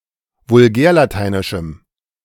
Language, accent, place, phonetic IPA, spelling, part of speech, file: German, Germany, Berlin, [vʊlˈɡɛːɐ̯laˌtaɪ̯nɪʃm̩], vulgärlateinischem, adjective, De-vulgärlateinischem.ogg
- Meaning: strong dative masculine/neuter singular of vulgärlateinisch